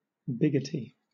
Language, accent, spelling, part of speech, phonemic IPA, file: English, Southern England, biggity, adjective, /ˈbɪɡɪti/, LL-Q1860 (eng)-biggity.wav
- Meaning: Conceited, uppity